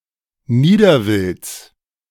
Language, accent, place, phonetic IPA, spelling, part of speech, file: German, Germany, Berlin, [ˈniːdɐˌvɪlt͡s], Niederwilds, noun, De-Niederwilds.ogg
- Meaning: genitive singular of Niederwild